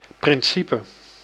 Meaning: principle
- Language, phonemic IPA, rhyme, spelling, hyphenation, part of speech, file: Dutch, /ˌprɪnˈsi.pə/, -ipə, principe, prin‧ci‧pe, noun, Nl-principe.ogg